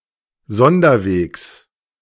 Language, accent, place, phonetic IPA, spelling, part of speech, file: German, Germany, Berlin, [ˈzɔndɐˌveːks], Sonderwegs, noun, De-Sonderwegs.ogg
- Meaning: genitive of Sonderweg